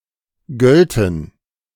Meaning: first/third-person plural subjunctive II of gelten
- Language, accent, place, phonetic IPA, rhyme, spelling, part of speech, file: German, Germany, Berlin, [ˈɡœltn̩], -œltn̩, gölten, verb, De-gölten.ogg